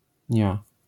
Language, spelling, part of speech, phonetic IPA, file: Polish, -nia, suffix, [ɲa], LL-Q809 (pol)--nia.wav